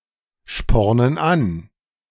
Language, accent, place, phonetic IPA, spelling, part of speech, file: German, Germany, Berlin, [ˌʃpɔʁnən ˈan], spornen an, verb, De-spornen an.ogg
- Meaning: inflection of anspornen: 1. first/third-person plural present 2. first/third-person plural subjunctive I